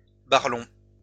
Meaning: oblong
- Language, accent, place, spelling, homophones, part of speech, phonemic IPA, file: French, France, Lyon, barlong, barlongs, adjective, /baʁ.lɔ̃/, LL-Q150 (fra)-barlong.wav